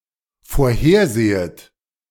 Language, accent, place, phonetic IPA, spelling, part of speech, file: German, Germany, Berlin, [foːɐ̯ˈheːɐ̯ˌzeːət], vorhersehet, verb, De-vorhersehet.ogg
- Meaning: second-person plural dependent subjunctive I of vorhersehen